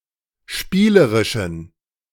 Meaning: inflection of spielerisch: 1. strong genitive masculine/neuter singular 2. weak/mixed genitive/dative all-gender singular 3. strong/weak/mixed accusative masculine singular 4. strong dative plural
- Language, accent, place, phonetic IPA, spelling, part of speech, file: German, Germany, Berlin, [ˈʃpiːləʁɪʃn̩], spielerischen, adjective, De-spielerischen.ogg